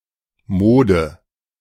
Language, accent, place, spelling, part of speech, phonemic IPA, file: German, Germany, Berlin, Mode, noun, /ˈmoːdə/, De-Mode.ogg
- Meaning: 1. fashion, trend 2. vibrational mode (Form of oscillation of electromagnetic waves especially in waveguides)